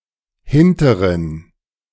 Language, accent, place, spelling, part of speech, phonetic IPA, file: German, Germany, Berlin, hinteren, adjective, [ˈhɪntəʁən], De-hinteren.ogg
- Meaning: inflection of hinterer: 1. strong genitive masculine/neuter singular 2. weak/mixed genitive/dative all-gender singular 3. strong/weak/mixed accusative masculine singular 4. strong dative plural